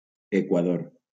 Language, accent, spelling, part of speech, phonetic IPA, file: Catalan, Valencia, Equador, proper noun, [e.kwaˈðoɾ], LL-Q7026 (cat)-Equador.wav
- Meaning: Ecuador (a country in South America)